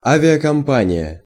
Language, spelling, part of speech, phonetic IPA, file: Russian, авиакомпания, noun, [ˌavʲɪəkɐmˈpanʲɪjə], Ru-авиакомпания.ogg
- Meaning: airline (company that flies airplanes)